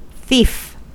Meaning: 1. One who carries out a theft 2. One who steals another person's property, especially by stealth and without using force or violence 3. A waster in the snuff of a candle
- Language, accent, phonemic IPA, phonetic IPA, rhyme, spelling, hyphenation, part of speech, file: English, US, /ˈθiːf/, [ˈθɪi̯f], -iːf, thief, thief, noun, En-us-thief.ogg